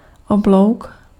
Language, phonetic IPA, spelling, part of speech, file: Czech, [ˈoblou̯k], oblouk, noun, Cs-oblouk.ogg
- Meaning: 1. arc 2. arch